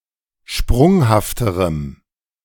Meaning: strong dative masculine/neuter singular comparative degree of sprunghaft
- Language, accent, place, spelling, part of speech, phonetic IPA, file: German, Germany, Berlin, sprunghafterem, adjective, [ˈʃpʁʊŋhaftəʁəm], De-sprunghafterem.ogg